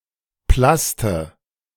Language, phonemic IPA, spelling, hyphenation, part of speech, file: German, /ˈplastə/, Plaste, Plas‧te, noun, De-Plaste.ogg
- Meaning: synonym of Plast; plastic